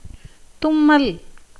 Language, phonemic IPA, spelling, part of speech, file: Tamil, /t̪ʊmːɐl/, தும்மல், verb / noun, Ta-தும்மல்.ogg
- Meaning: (verb) A gerund of தும்மு (tummu); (noun) 1. sneezing 2. sneeze 3. breath